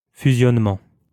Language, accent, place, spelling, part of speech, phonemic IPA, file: French, France, Lyon, fusionnement, noun, /fy.zjɔn.mɑ̃/, LL-Q150 (fra)-fusionnement.wav
- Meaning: merger, fusion, incorporation